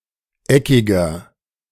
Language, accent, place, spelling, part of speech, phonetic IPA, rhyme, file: German, Germany, Berlin, eckiger, adjective, [ˈɛkɪɡɐ], -ɛkɪɡɐ, De-eckiger.ogg
- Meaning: inflection of eckig: 1. strong/mixed nominative masculine singular 2. strong genitive/dative feminine singular 3. strong genitive plural